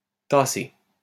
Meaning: past participle of tasser
- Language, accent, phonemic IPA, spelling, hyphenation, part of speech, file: French, France, /ta.se/, tassé, tas‧sé, verb, LL-Q150 (fra)-tassé.wav